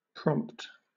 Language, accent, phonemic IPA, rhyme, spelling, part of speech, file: English, Southern England, /pɹɒmpt/, -ɒmpt, prompt, adjective / noun / verb, LL-Q1860 (eng)-prompt.wav
- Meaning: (adjective) 1. Quick; acting without delay 2. On time; punctual 3. Ready; willing to act 4. Front: closest or nearest, in futures trading